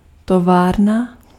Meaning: factory
- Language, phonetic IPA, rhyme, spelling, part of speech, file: Czech, [ˈtovaːrna], -aːrna, továrna, noun, Cs-továrna.ogg